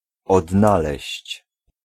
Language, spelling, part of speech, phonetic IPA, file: Polish, odnaleźć, verb, [ɔdˈnalɛɕt͡ɕ], Pl-odnaleźć.ogg